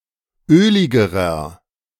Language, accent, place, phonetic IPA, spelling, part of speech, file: German, Germany, Berlin, [ˈøːlɪɡəʁɐ], öligerer, adjective, De-öligerer.ogg
- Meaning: inflection of ölig: 1. strong/mixed nominative masculine singular comparative degree 2. strong genitive/dative feminine singular comparative degree 3. strong genitive plural comparative degree